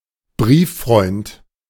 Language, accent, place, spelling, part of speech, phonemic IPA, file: German, Germany, Berlin, Brieffreund, noun, /ˈbʁiːfˌfʁɔɪ̯nt/, De-Brieffreund.ogg
- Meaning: pen pal, penfriend (male or of unspecified gender)